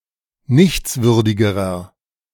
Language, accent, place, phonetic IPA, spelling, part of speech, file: German, Germany, Berlin, [ˈnɪçt͡sˌvʏʁdɪɡəʁɐ], nichtswürdigerer, adjective, De-nichtswürdigerer.ogg
- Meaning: inflection of nichtswürdig: 1. strong/mixed nominative masculine singular comparative degree 2. strong genitive/dative feminine singular comparative degree 3. strong genitive plural comparative degree